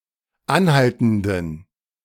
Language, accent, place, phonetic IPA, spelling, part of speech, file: German, Germany, Berlin, [ˈanˌhaltn̩dən], anhaltenden, adjective, De-anhaltenden.ogg
- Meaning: inflection of anhaltend: 1. strong genitive masculine/neuter singular 2. weak/mixed genitive/dative all-gender singular 3. strong/weak/mixed accusative masculine singular 4. strong dative plural